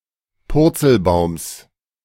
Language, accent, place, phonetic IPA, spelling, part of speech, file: German, Germany, Berlin, [ˈpʊʁt͡sl̩ˌbaʊ̯ms], Purzelbaums, noun, De-Purzelbaums.ogg
- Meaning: genitive of Purzelbaum